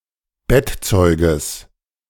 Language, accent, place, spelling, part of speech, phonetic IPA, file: German, Germany, Berlin, Bettzeuges, noun, [ˈbɛtˌt͡sɔɪ̯ɡəs], De-Bettzeuges.ogg
- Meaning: genitive of Bettzeug